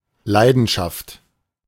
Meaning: 1. passion (powerful emotion) 2. passion (desire, often sexual) 3. passion (fervent interest in something) 4. the object of such interest, e.g. a hobby
- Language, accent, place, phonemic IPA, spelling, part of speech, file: German, Germany, Berlin, /ˈlaɪ̯dənˌʃaft/, Leidenschaft, noun, De-Leidenschaft.ogg